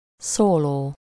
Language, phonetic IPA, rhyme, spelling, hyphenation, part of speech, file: Hungarian, [ˈsoːloː], -loː, szóló, szó‧ló, adjective / noun / verb, Hu-szóló.ogg
- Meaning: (adjective) solo; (noun) solo (a piece of music for one performer); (verb) present participle of szól